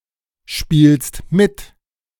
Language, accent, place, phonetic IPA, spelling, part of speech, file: German, Germany, Berlin, [ˌʃpiːlst ˈmɪt], spielst mit, verb, De-spielst mit.ogg
- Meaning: second-person singular present of mitspielen